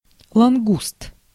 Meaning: spiny lobster, rock lobster
- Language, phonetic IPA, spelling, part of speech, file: Russian, [ɫɐnˈɡust], лангуст, noun, Ru-лангуст.ogg